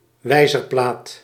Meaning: clock face
- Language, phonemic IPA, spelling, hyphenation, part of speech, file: Dutch, /ˈʋɛi̯.zərˌplaːt/, wijzerplaat, wij‧zer‧plaat, noun, Nl-wijzerplaat.ogg